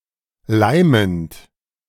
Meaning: present participle of leimen
- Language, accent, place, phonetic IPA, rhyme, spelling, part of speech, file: German, Germany, Berlin, [ˈlaɪ̯mənt], -aɪ̯mənt, leimend, verb, De-leimend.ogg